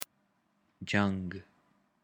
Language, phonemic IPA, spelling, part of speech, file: Pashto, /d͡ʒəŋɡ/, جنګ, noun, Jang-War.ogg
- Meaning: war